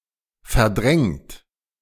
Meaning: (verb) past participle of verdrängen; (adjective) 1. suppressed, repressed 2. ousted, displaced, supplanted
- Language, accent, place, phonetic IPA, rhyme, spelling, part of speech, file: German, Germany, Berlin, [fɛɐ̯ˈdʁɛŋt], -ɛŋt, verdrängt, verb, De-verdrängt.ogg